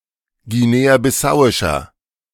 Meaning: inflection of guinea-bissauisch: 1. strong/mixed nominative masculine singular 2. strong genitive/dative feminine singular 3. strong genitive plural
- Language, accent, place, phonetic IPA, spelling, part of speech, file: German, Germany, Berlin, [ɡiˌneːaːbɪˈsaʊ̯ɪʃɐ], guinea-bissauischer, adjective, De-guinea-bissauischer.ogg